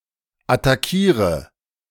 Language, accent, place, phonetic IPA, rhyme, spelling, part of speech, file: German, Germany, Berlin, [ataˈkiːʁə], -iːʁə, attackiere, verb, De-attackiere.ogg
- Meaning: inflection of attackieren: 1. first-person singular present 2. singular imperative 3. first/third-person singular subjunctive I